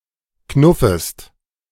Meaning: second-person singular subjunctive I of knuffen
- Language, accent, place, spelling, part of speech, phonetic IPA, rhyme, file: German, Germany, Berlin, knuffest, verb, [ˈknʊfəst], -ʊfəst, De-knuffest.ogg